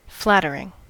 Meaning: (adjective) 1. Attractive or good-looking; that makes one look good 2. Gratifying to one's self-esteem; complimentary 3. That which represents too favorably
- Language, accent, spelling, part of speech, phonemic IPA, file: English, US, flattering, adjective / verb / noun, /ˈflætəɹɪŋ/, En-us-flattering.ogg